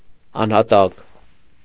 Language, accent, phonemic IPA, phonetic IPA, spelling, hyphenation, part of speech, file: Armenian, Eastern Armenian, /ɑnhɑˈtɑk/, [ɑnhɑtɑ́k], անհատակ, ան‧հա‧տակ, adjective, Hy-անհատակ .ogg
- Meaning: 1. bottomless, very deep 2. unfathomable